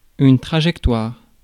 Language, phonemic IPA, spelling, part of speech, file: French, /tʁa.ʒɛk.twaʁ/, trajectoire, noun, Fr-trajectoire.ogg
- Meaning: 1. trajectory 2. course (trajectory of a ball etc.)